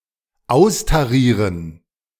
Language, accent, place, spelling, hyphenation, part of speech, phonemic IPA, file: German, Germany, Berlin, austarieren, aus‧ta‧rie‧ren, verb, /ˈaʊ̯staˌʁiːʁən/, De-austarieren.ogg
- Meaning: 1. to tare (take into account the weight of a container) 2. to balance, to make agree